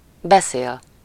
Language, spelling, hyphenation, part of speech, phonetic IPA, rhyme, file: Hungarian, beszél, be‧szél, verb, [ˈbɛseːl], -eːl, Hu-beszél.ogg
- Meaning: 1. to speak, talk (to/with someone: -val/-vel, one-sidedly: -hoz/-hez/-höz, about something: -ról/-ről) 2. to speak (in some language: -ul/-ül)